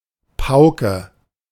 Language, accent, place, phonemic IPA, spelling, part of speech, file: German, Germany, Berlin, /ˈpaʊ̯kə/, Pauke, noun, De-Pauke.ogg
- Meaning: 1. kettledrum, timpani 2. bass drum, any large low-pitched drum, especially as part of a marching band 3. scolding